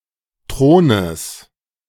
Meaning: genitive singular of Thron
- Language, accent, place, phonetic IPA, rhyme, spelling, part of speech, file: German, Germany, Berlin, [ˈtʁoːnəs], -oːnəs, Thrones, noun, De-Thrones.ogg